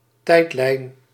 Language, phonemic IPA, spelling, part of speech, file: Dutch, /ˈtɛitlɛin/, tijdlijn, noun, Nl-tijdlijn.ogg
- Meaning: timeline